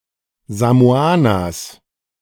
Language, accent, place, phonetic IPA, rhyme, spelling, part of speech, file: German, Germany, Berlin, [zamoˈaːnɐs], -aːnɐs, Samoaners, noun, De-Samoaners.ogg
- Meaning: genitive singular of Samoaner